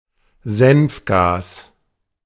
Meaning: mustard gas, sulfur mustard
- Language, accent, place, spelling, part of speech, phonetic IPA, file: German, Germany, Berlin, Senfgas, noun, [ˈzɛnfˌɡaːs], De-Senfgas.ogg